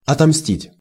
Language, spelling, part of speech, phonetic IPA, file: Russian, отомстить, verb, [ɐtɐmˈsʲtʲitʲ], Ru-отомстить.ogg
- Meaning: to revenge oneself, to avenge (to take vengeance for)